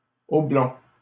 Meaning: masculine plural of oblong
- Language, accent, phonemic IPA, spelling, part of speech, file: French, Canada, /ɔ.blɔ̃/, oblongs, adjective, LL-Q150 (fra)-oblongs.wav